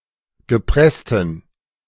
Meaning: inflection of gepresst: 1. strong genitive masculine/neuter singular 2. weak/mixed genitive/dative all-gender singular 3. strong/weak/mixed accusative masculine singular 4. strong dative plural
- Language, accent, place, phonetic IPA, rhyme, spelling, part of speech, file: German, Germany, Berlin, [ɡəˈpʁɛstn̩], -ɛstn̩, gepressten, adjective, De-gepressten.ogg